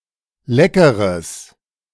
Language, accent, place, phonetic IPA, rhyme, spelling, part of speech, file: German, Germany, Berlin, [ˈlɛkəʁəs], -ɛkəʁəs, leckeres, adjective, De-leckeres.ogg
- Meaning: strong/mixed nominative/accusative neuter singular of lecker